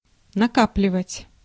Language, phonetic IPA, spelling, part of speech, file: Russian, [nɐˈkaplʲɪvətʲ], накапливать, verb, Ru-накапливать.ogg
- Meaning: 1. to accumulate, to gather, to amass, to pile up 2. to stockpile